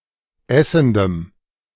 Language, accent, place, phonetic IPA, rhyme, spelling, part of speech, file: German, Germany, Berlin, [ˈɛsn̩dəm], -ɛsn̩dəm, essendem, adjective, De-essendem.ogg
- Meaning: strong dative masculine/neuter singular of essend